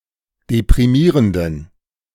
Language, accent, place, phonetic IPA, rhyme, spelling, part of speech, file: German, Germany, Berlin, [depʁiˈmiːʁəndn̩], -iːʁəndn̩, deprimierenden, adjective, De-deprimierenden.ogg
- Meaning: inflection of deprimierend: 1. strong genitive masculine/neuter singular 2. weak/mixed genitive/dative all-gender singular 3. strong/weak/mixed accusative masculine singular 4. strong dative plural